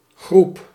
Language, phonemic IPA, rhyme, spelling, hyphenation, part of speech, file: Dutch, /ɣrup/, -up, groep, groep, noun, Nl-groep.ogg
- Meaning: 1. group 2. circuit in an electrical installation, protected by a circuit breaker